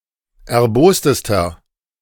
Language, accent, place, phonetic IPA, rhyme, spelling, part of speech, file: German, Germany, Berlin, [ɛɐ̯ˈboːstəstɐ], -oːstəstɐ, erbostester, adjective, De-erbostester.ogg
- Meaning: inflection of erbost: 1. strong/mixed nominative masculine singular superlative degree 2. strong genitive/dative feminine singular superlative degree 3. strong genitive plural superlative degree